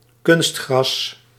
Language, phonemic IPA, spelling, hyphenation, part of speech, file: Dutch, /ˈkʏnst.xrɑs/, kunstgras, kunst‧gras, noun, Nl-kunstgras.ogg
- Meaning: artificial turf